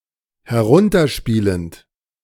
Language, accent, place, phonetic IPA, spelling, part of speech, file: German, Germany, Berlin, [hɛˈʁʊntɐˌʃpiːlənt], herunterspielend, verb, De-herunterspielend.ogg
- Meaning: present participle of herunterspielen